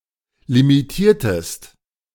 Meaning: inflection of limitieren: 1. second-person singular preterite 2. second-person singular subjunctive II
- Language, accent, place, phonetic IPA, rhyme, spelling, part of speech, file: German, Germany, Berlin, [limiˈtiːɐ̯təst], -iːɐ̯təst, limitiertest, verb, De-limitiertest.ogg